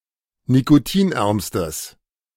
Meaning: strong/mixed nominative/accusative neuter singular superlative degree of nikotinarm
- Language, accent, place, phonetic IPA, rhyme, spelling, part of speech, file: German, Germany, Berlin, [nikoˈtiːnˌʔɛʁmstəs], -iːnʔɛʁmstəs, nikotinärmstes, adjective, De-nikotinärmstes.ogg